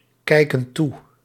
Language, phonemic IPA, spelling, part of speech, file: Dutch, /ˈkɛikə(n) ˈtu/, kijken toe, verb, Nl-kijken toe.ogg
- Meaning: inflection of toekijken: 1. plural present indicative 2. plural present subjunctive